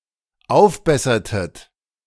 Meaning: inflection of aufbessern: 1. second-person plural dependent preterite 2. second-person plural dependent subjunctive II
- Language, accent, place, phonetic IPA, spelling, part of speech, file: German, Germany, Berlin, [ˈaʊ̯fˌbɛsɐtət], aufbessertet, verb, De-aufbessertet.ogg